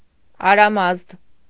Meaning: 1. Aramazd 2. a male given name, Aramazd
- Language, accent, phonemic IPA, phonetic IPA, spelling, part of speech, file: Armenian, Eastern Armenian, /ɑɾɑˈmɑzd/, [ɑɾɑmɑ́zd], Արամազդ, proper noun, Hy-Արամազդ.ogg